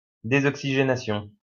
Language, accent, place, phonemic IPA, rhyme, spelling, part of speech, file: French, France, Lyon, /de.zɔk.si.ʒe.na.sjɔ̃/, -ɔ̃, désoxygénation, noun, LL-Q150 (fra)-désoxygénation.wav
- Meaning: deoxygenation